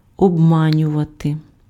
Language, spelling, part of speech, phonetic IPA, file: Ukrainian, обманювати, verb, [ɔbˈmanʲʊʋɐte], Uk-обманювати.ogg
- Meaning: 1. to deceive 2. to trick, to cheat, to defraud, to swindle